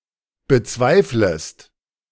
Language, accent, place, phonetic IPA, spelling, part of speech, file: German, Germany, Berlin, [bəˈt͡svaɪ̯fləst], bezweiflest, verb, De-bezweiflest.ogg
- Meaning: second-person singular subjunctive I of bezweifeln